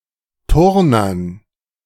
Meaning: dative plural of Turner
- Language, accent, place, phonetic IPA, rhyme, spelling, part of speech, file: German, Germany, Berlin, [ˈtʊʁnɐn], -ʊʁnɐn, Turnern, noun, De-Turnern.ogg